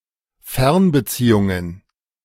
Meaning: plural of Fernbeziehung
- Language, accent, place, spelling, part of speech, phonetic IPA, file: German, Germany, Berlin, Fernbeziehungen, noun, [ˈfɛʁnbəˌt͡siːʊŋən], De-Fernbeziehungen.ogg